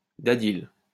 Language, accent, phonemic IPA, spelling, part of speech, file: French, France, /da.dil/, dadyle, noun, LL-Q150 (fra)-dadyle.wav
- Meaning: dadyl